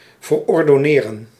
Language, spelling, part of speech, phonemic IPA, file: Dutch, verordonneren, verb, /vərɔrdɔˈnerə(n)/, Nl-verordonneren.ogg
- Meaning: to order (give an order)